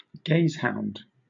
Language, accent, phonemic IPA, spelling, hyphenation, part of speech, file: English, Southern England, /ˈɡeɪzhaʊnd/, gazehound, gaze‧hound, noun, LL-Q1860 (eng)-gazehound.wav
- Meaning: Synonym of sighthound (“a hound that primarily hunts by sight and speed, instead of by scent and endurance”)